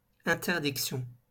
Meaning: ban, interdiction
- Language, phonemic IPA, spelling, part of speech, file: French, /ɛ̃.tɛʁ.dik.sjɔ̃/, interdiction, noun, LL-Q150 (fra)-interdiction.wav